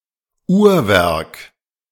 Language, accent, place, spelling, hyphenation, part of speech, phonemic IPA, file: German, Germany, Berlin, Uhrwerk, Uhr‧werk, noun, /ˈuːɐ̯ˌvɛʁk/, De-Uhrwerk.ogg
- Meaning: clockwork